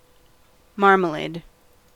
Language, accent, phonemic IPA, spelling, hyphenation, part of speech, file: English, US, /ˈmɑɹ.mə.leɪd/, marmalade, mar‧ma‧lade, noun / verb, En-us-marmalade.ogg